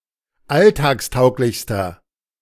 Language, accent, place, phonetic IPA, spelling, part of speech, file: German, Germany, Berlin, [ˈaltaːksˌtaʊ̯klɪçstɐ], alltagstauglichster, adjective, De-alltagstauglichster.ogg
- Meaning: inflection of alltagstauglich: 1. strong/mixed nominative masculine singular superlative degree 2. strong genitive/dative feminine singular superlative degree